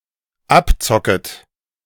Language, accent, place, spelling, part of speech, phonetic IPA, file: German, Germany, Berlin, abzocket, verb, [ˈapˌt͡sɔkət], De-abzocket.ogg
- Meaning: second-person plural dependent subjunctive I of abzocken